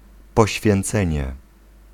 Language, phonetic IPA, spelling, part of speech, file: Polish, [ˌpɔɕfʲjɛ̃nˈt͡sɛ̃ɲɛ], poświęcenie, noun, Pl-poświęcenie.ogg